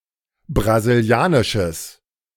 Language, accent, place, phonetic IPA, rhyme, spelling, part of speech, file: German, Germany, Berlin, [bʁaziˈli̯aːnɪʃəs], -aːnɪʃəs, brasilianisches, adjective, De-brasilianisches.ogg
- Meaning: strong/mixed nominative/accusative neuter singular of brasilianisch